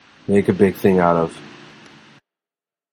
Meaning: To call attention to or publicize; to make a fuss about, especially unnecessarily
- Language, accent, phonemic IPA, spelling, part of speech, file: English, General American, /ˈmeɪk ə ˈbɪɡ ˈθɪŋ aʊt əv/, make a big thing out of, verb, En-us-make a big thing out of.flac